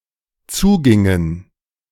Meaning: inflection of zugehen: 1. first/third-person plural dependent preterite 2. first/third-person plural dependent subjunctive II
- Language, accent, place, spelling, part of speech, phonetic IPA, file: German, Germany, Berlin, zugingen, verb, [ˈt͡suːˌɡɪŋən], De-zugingen.ogg